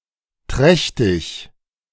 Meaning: pregnant, gravid, big with young (of animals, especially ungulates): 1. in fawn (of Cervidae) 2. in calf (of Bovinae) 3. in pig (of Suidae) 4. in-foal (of Equidae)
- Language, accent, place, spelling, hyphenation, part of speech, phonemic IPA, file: German, Germany, Berlin, trächtig, träch‧tig, adjective, /ˈtʁɛçtɪç/, De-trächtig.ogg